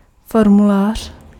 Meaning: form (document to be filled)
- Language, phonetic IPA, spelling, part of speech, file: Czech, [ˈformulaːr̝̊], formulář, noun, Cs-formulář.ogg